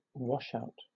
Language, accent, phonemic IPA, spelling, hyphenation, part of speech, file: English, Southern England, /ˈwɒʃaʊt/, washout, wash‧out, noun, LL-Q1860 (eng)-washout.wav
- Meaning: 1. An act of washing or cleaning the inside of something 2. An appliance designed to wash out the inside of something